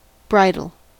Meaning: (noun) 1. The headgear with which a horse is directed and which carries a bit and reins 2. A restraint; a curb; a check
- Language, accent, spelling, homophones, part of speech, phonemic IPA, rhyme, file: English, US, bridle, bridal, noun / verb, /ˈbɹaɪdəl/, -aɪdəl, En-us-bridle.ogg